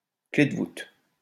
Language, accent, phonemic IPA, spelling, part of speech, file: French, France, /kle d(ə) vut/, clef de voûte, noun, LL-Q150 (fra)-clef de voûte.wav
- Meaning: 1. keystone (of a vault) 2. boss